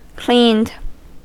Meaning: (verb) simple past and past participle of clean; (adjective) Having been made clean
- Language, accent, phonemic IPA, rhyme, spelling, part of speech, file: English, US, /kliːnd/, -iːnd, cleaned, verb / adjective, En-us-cleaned.ogg